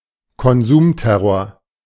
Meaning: overconsumption, consumerism
- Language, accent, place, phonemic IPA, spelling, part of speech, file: German, Germany, Berlin, /kɔnˈzuːmˌtɛʁoːɐ̯/, Konsumterror, noun, De-Konsumterror.ogg